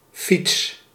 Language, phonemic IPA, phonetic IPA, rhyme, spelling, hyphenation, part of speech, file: Dutch, /fits/, [fits], -its, fiets, fiets, noun / verb, Nl-fiets.ogg
- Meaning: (noun) 1. bicycle 2. motorbike; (verb) inflection of fietsen: 1. first-person singular present indicative 2. second-person singular present indicative 3. imperative